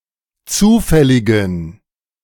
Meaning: inflection of zufällig: 1. strong genitive masculine/neuter singular 2. weak/mixed genitive/dative all-gender singular 3. strong/weak/mixed accusative masculine singular 4. strong dative plural
- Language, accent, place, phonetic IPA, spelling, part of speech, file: German, Germany, Berlin, [ˈt͡suːfɛlɪɡn̩], zufälligen, adjective, De-zufälligen.ogg